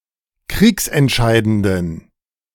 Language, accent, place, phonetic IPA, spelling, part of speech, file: German, Germany, Berlin, [ˈkʁiːksɛntˌʃaɪ̯dəndn̩], kriegsentscheidenden, adjective, De-kriegsentscheidenden.ogg
- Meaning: inflection of kriegsentscheidend: 1. strong genitive masculine/neuter singular 2. weak/mixed genitive/dative all-gender singular 3. strong/weak/mixed accusative masculine singular